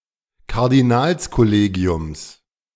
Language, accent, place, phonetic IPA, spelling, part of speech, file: German, Germany, Berlin, [kaʁdiˈnaːlskɔˌleːɡi̯ʊms], Kardinalskollegiums, noun, De-Kardinalskollegiums.ogg
- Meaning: genitive singular of Kardinalskollegium